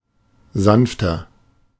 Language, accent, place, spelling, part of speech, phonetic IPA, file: German, Germany, Berlin, sanfter, adjective, [ˈzanftɐ], De-sanfter.ogg
- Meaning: inflection of sanft: 1. strong/mixed nominative masculine singular 2. strong genitive/dative feminine singular 3. strong genitive plural